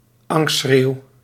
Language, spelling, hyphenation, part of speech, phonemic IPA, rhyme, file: Dutch, angstschreeuw, angst‧schreeuw, noun, /ˈɑŋst.sxreːu̯/, -eːu̯, Nl-angstschreeuw.ogg
- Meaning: a scream of fear